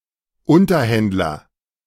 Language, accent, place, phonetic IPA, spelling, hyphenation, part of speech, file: German, Germany, Berlin, [ˈʊntɐˌhɛndlɐ], Unterhändler, Un‧ter‧händ‧ler, noun, De-Unterhändler.ogg
- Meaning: negotiator (male or of unspecified sex)